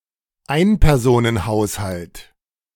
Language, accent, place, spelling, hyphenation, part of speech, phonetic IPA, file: German, Germany, Berlin, Einpersonenhaushalt, Ein‧per‧so‧nen‧haus‧halt, noun, [ˈaɪ̯npɛʁzoːnənˌhaʊ̯shalt], De-Einpersonenhaushalt.ogg
- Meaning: one-person household